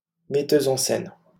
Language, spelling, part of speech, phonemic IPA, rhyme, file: French, metteuse en scène, noun, /mɛ.tø.z‿ɑ̃ sɛn/, -ɛn, LL-Q150 (fra)-metteuse en scène.wav
- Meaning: female equivalent of metteur en scène